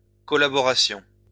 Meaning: plural of collaboration
- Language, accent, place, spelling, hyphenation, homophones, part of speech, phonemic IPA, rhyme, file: French, France, Lyon, collaborations, co‧lla‧bo‧ra‧tions, collaboration, noun, /kɔ.la.bɔ.ʁa.sjɔ̃/, -sjɔ̃, LL-Q150 (fra)-collaborations.wav